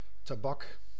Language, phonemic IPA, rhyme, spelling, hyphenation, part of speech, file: Dutch, /taːˈbɑk/, -ɑk, tabak, ta‧bak, noun, Nl-tabak.ogg
- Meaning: 1. the tobacco plant 2. tobacco, the product made from leaves of certain of its varieties, to be smoked in cigars etc., sniffed or chewed 3. something excellent, something outstanding